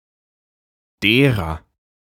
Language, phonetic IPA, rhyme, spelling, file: German, [ˈdeːʁɐ], -eːʁɐ, derer, De-derer.ogg
- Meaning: inflection of der: 1. genitive feminine singular 2. genitive plural 3. whose, of which 4. her, their, the latter's